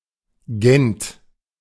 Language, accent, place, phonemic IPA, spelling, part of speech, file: German, Germany, Berlin, /ˈɡɛnt/, Gent, proper noun, De-Gent.ogg
- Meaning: Ghent (a city in Belgium)